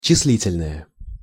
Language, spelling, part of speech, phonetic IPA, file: Russian, числительное, noun, [t͡ɕɪs⁽ʲ⁾ˈlʲitʲɪlʲnəjə], Ru-числительное.ogg
- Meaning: numeral